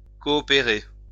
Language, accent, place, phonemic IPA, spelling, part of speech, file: French, France, Lyon, /kɔ.ɔ.pe.ʁe/, coopérer, verb, LL-Q150 (fra)-coopérer.wav
- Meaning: to cooperate